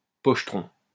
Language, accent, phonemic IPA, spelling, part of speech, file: French, France, /pɔʃ.tʁɔ̃/, pochetron, noun, LL-Q150 (fra)-pochetron.wav
- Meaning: someone who drinks copiously, a drunkard